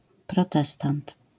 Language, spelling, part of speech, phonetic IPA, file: Polish, protestant, noun, [prɔˈtɛstãnt], LL-Q809 (pol)-protestant.wav